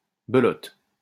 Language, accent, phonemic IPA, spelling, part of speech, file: French, France, /bə.lɔt/, belote, noun, LL-Q150 (fra)-belote.wav
- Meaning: 1. belote 2. king and queen of the trump suit, in the game belote